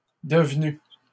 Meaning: feminine singular of devenu
- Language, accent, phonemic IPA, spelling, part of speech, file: French, Canada, /də.v(ə).ny/, devenue, verb, LL-Q150 (fra)-devenue.wav